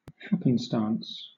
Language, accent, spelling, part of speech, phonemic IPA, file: English, Southern England, happenstance, noun, /ˈhap(ə)nˌstɑːns/, LL-Q1860 (eng)-happenstance.wav
- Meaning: 1. The chance or random quality of an event or circumstance 2. A chance or random event or circumstance